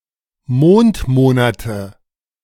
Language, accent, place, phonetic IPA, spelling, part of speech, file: German, Germany, Berlin, [ˈmoːntˌmoːnatə], Mondmonate, noun, De-Mondmonate.ogg
- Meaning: nominative/accusative/genitive plural of Mondmonat